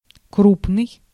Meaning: 1. coarse, coarse-grained 2. big, massive; numerous; large-scale 3. important, prominent, great
- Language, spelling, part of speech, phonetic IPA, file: Russian, крупный, adjective, [ˈkrupnɨj], Ru-крупный.ogg